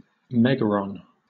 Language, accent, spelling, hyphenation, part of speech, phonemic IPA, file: English, Southern England, megaron, meg‧a‧ron, noun, /ˈmɛɡəɹɒn/, LL-Q1860 (eng)-megaron.wav
- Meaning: The rectangular great hall in a Mycenaean building, usually supported with pillars